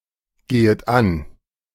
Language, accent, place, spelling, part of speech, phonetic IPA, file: German, Germany, Berlin, gehet an, verb, [ˌɡeːət ˈan], De-gehet an.ogg
- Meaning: second-person plural subjunctive I of angehen